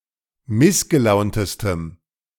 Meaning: strong dative masculine/neuter singular superlative degree of missgelaunt
- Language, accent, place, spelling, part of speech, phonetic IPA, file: German, Germany, Berlin, missgelauntestem, adjective, [ˈmɪsɡəˌlaʊ̯ntəstəm], De-missgelauntestem.ogg